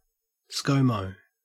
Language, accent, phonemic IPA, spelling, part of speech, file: English, Australia, /ˈskəʉ.məʉ/, ScoMo, proper noun, En-au-ScoMo.ogg
- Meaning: Syllabic abbreviation of Scott Morrison (born 1968), Australian politician and 30th Prime Minister of Australia